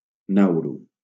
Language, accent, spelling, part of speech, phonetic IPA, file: Catalan, Valencia, Nauru, proper noun, [ˈnaw.ɾu], LL-Q7026 (cat)-Nauru.wav
- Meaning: Nauru (a country and island of Oceania, in the Pacific Ocean)